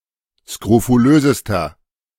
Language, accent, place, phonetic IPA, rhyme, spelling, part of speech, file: German, Germany, Berlin, [skʁofuˈløːzəstɐ], -øːzəstɐ, skrofulösester, adjective, De-skrofulösester.ogg
- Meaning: inflection of skrofulös: 1. strong/mixed nominative masculine singular superlative degree 2. strong genitive/dative feminine singular superlative degree 3. strong genitive plural superlative degree